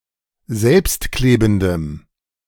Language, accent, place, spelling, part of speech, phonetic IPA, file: German, Germany, Berlin, selbstklebendem, adjective, [ˈzɛlpstˌkleːbn̩dəm], De-selbstklebendem.ogg
- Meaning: strong dative masculine/neuter singular of selbstklebend